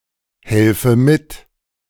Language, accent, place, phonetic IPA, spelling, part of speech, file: German, Germany, Berlin, [ˌhɛlfə ˈmɪt], helfe mit, verb, De-helfe mit.ogg
- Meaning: inflection of mithelfen: 1. first-person singular present 2. first/third-person singular subjunctive I